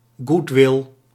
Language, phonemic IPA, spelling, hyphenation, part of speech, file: Dutch, /ˈɡut.ʋɪl/, goodwill, good‧will, noun, Nl-goodwill.ogg
- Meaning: goodwill